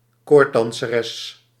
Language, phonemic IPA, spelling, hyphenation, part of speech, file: Dutch, /ˈkoːr(t).dɑn.səˌrɛs/, koorddanseres, koord‧dan‧se‧res, noun, Nl-koorddanseres.ogg
- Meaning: female tightrope walker